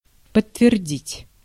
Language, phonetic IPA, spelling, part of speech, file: Russian, [pətːvʲɪrˈdʲitʲ], подтвердить, verb, Ru-подтвердить.ogg
- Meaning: to confirm, to corroborate, to bear out, to endorse, to ratify, to verify